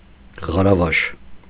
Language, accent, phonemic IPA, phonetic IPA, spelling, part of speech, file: Armenian, Eastern Armenian, /ʁɑɾɑˈvɑʃ/, [ʁɑɾɑvɑ́ʃ], ղարավաշ, noun, Hy-ղարավաշ.ogg
- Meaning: maidservant